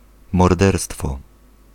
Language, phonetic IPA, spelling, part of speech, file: Polish, [mɔrˈdɛrstfɔ], morderstwo, noun, Pl-morderstwo.ogg